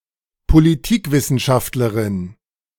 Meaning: female political scientist
- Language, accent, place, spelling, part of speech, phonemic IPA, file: German, Germany, Berlin, Politikwissenschaftlerin, noun, /poliˈtiːkˌvɪsənʃaftlɐʁɪn/, De-Politikwissenschaftlerin.ogg